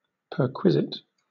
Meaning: 1. Any monetary or other incidental benefit beyond salary 2. A gratuity 3. A privilege or possession held or claimed exclusively by a certain person, group or class
- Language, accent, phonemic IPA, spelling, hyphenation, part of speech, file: English, Southern England, /ˈpɜːkwɪzɪt/, perquisite, per‧qui‧site, noun, LL-Q1860 (eng)-perquisite.wav